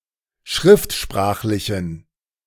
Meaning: inflection of schriftsprachlich: 1. strong genitive masculine/neuter singular 2. weak/mixed genitive/dative all-gender singular 3. strong/weak/mixed accusative masculine singular
- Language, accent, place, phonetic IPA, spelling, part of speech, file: German, Germany, Berlin, [ˈʃʁɪftˌʃpʁaːxlɪçn̩], schriftsprachlichen, adjective, De-schriftsprachlichen.ogg